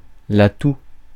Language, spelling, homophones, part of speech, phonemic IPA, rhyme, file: French, toux, tous / tout, noun, /tu/, -u, Fr-toux.ogg
- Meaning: cough